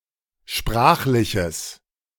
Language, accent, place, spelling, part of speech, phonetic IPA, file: German, Germany, Berlin, sprachliches, adjective, [ˈʃpʁaːxlɪçəs], De-sprachliches.ogg
- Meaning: strong/mixed nominative/accusative neuter singular of sprachlich